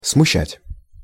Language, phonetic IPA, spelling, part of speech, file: Russian, [smʊˈɕːætʲ], смущать, verb, Ru-смущать.ogg
- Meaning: 1. to confuse, to embarrass 2. to daunt, to dismay, to discomfort 3. to disturb, to trouble, to stir up